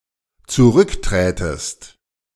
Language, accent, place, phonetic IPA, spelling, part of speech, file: German, Germany, Berlin, [t͡suˈʁʏkˌtʁɛːtəst], zurückträtest, verb, De-zurückträtest.ogg
- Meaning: second-person singular dependent subjunctive II of zurücktreten